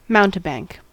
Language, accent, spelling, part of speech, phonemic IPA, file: English, US, mountebank, noun / verb, /ˈmaʊntəˌbæŋk/, En-us-mountebank.ogg
- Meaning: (noun) 1. One who sells dubious medicines 2. One who sells by deception; a con artist 3. Any boastful, false pretender 4. An acrobat; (verb) To act as a mountebank